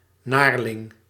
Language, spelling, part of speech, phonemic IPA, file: Dutch, naarling, noun, /naːr.lɪŋ/, Nl-naarling.ogg
- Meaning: 1. annoying or unpleasant person 2. scoundrel, rapscallion, pain in the neck